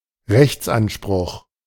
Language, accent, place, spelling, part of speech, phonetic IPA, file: German, Germany, Berlin, Rechtsanspruch, noun, [ˈrɛçtsʔanˌʃpʁʊχ], De-Rechtsanspruch.ogg
- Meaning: legal claim, legal entitlement